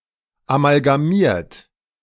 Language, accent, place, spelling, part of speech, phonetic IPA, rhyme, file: German, Germany, Berlin, amalgamiert, verb, [amalɡaˈmiːɐ̯t], -iːɐ̯t, De-amalgamiert.ogg
- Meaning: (verb) past participle of amalgamieren; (adjective) amalgamated